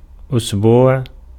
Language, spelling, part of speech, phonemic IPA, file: Arabic, أسبوع, noun, /ʔus.buːʕ/, Ar-أسبوع.ogg
- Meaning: week (unit of time)